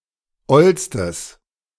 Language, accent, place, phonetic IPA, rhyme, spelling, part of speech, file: German, Germany, Berlin, [ˈɔlstəs], -ɔlstəs, ollstes, adjective, De-ollstes.ogg
- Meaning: strong/mixed nominative/accusative neuter singular superlative degree of oll